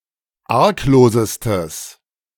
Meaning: strong/mixed nominative/accusative neuter singular superlative degree of arglos
- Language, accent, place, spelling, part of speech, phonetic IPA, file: German, Germany, Berlin, arglosestes, adjective, [ˈaʁkˌloːzəstəs], De-arglosestes.ogg